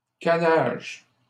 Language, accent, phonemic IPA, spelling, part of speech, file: French, Canada, /ka.naʒ/, cannage, noun, LL-Q150 (fra)-cannage.wav
- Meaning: caning (working with canes, cane craftwork)